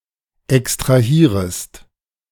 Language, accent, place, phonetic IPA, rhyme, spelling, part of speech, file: German, Germany, Berlin, [ɛkstʁaˈhiːʁəst], -iːʁəst, extrahierest, verb, De-extrahierest.ogg
- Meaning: second-person singular subjunctive I of extrahieren